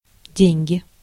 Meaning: 1. money 2. inflection of де́ньга (dénʹga): genitive singular 3. inflection of де́ньга (dénʹga): nominative/accusative plural 4. genitive singular of деньга́ (denʹgá)
- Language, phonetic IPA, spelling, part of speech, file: Russian, [ˈdʲenʲɡʲɪ], деньги, noun, Ru-деньги.ogg